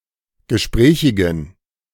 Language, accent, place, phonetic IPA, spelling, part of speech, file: German, Germany, Berlin, [ɡəˈʃpʁɛːçɪɡn̩], gesprächigen, adjective, De-gesprächigen.ogg
- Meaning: inflection of gesprächig: 1. strong genitive masculine/neuter singular 2. weak/mixed genitive/dative all-gender singular 3. strong/weak/mixed accusative masculine singular 4. strong dative plural